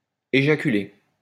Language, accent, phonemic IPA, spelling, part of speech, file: French, France, /e.ʒa.ky.le/, éjaculer, verb, LL-Q150 (fra)-éjaculer.wav
- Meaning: to ejaculate